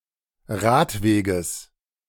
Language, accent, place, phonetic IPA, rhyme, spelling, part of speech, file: German, Germany, Berlin, [ˈʁaːtˌveːɡəs], -aːtveːɡəs, Radweges, noun, De-Radweges.ogg
- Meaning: genitive singular of Radweg